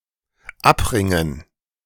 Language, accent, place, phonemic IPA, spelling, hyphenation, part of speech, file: German, Germany, Berlin, /ˈapˌʁɪŋən/, abringen, ab‧rin‧gen, verb, De-abringen.ogg
- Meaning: to force out, wring